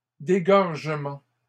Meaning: plural of dégorgement
- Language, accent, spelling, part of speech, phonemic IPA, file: French, Canada, dégorgements, noun, /de.ɡɔʁ.ʒə.mɑ̃/, LL-Q150 (fra)-dégorgements.wav